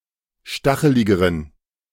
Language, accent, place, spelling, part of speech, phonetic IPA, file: German, Germany, Berlin, stacheligeren, adjective, [ˈʃtaxəlɪɡəʁən], De-stacheligeren.ogg
- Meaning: inflection of stachelig: 1. strong genitive masculine/neuter singular comparative degree 2. weak/mixed genitive/dative all-gender singular comparative degree